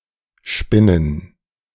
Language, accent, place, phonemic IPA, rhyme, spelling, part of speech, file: German, Germany, Berlin, /ˈʃpɪnən/, -ɪnən, spinnen, verb, De-spinnen2.ogg
- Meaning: 1. to spin (a thread, a web, a cocoon, etc.) 2. to develop, extend (a thought, story, etc.) 3. to exaggerate (an event), to fabricate (something untrue)